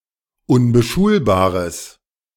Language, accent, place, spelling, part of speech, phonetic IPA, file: German, Germany, Berlin, unbeschulbares, adjective, [ʊnbəˈʃuːlbaːʁəs], De-unbeschulbares.ogg
- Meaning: strong/mixed nominative/accusative neuter singular of unbeschulbar